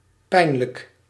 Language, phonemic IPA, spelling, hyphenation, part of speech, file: Dutch, /ˈpɛi̯n.lək/, pijnlijk, pijn‧lijk, adjective, Nl-pijnlijk.ogg
- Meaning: 1. painful (physically) 2. painful (psychologically) 3. hurtful, awkward, embarrassing 4. sore, aching